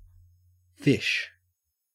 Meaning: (noun) A typically cold-blooded vertebrate animal that lives in water, moving with the help of fins and breathing with gills; any vertebrate that is not a tetrapod
- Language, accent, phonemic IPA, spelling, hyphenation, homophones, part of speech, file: English, Australia, /fɪ̝ʃ/, fish, fish, phish / ghoti, noun / verb, En-au-fish.ogg